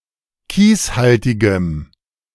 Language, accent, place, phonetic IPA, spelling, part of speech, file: German, Germany, Berlin, [ˈkiːsˌhaltɪɡəm], kieshaltigem, adjective, De-kieshaltigem.ogg
- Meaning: strong dative masculine/neuter singular of kieshaltig